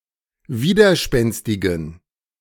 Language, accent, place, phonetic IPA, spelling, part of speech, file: German, Germany, Berlin, [ˈviːdɐˌʃpɛnstɪɡn̩], widerspenstigen, adjective, De-widerspenstigen.ogg
- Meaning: inflection of widerspenstig: 1. strong genitive masculine/neuter singular 2. weak/mixed genitive/dative all-gender singular 3. strong/weak/mixed accusative masculine singular 4. strong dative plural